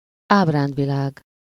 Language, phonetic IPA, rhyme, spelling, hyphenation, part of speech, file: Hungarian, [ˈaːbraːndvilaːɡ], -aːɡ, ábrándvilág, áb‧ránd‧vi‧lág, noun, Hu-ábrándvilág.ogg
- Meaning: dreamworld, dreamland